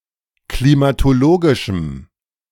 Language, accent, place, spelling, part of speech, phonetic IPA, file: German, Germany, Berlin, klimatologischem, adjective, [klimatoˈloːɡɪʃəm], De-klimatologischem.ogg
- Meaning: strong dative masculine/neuter singular of klimatologisch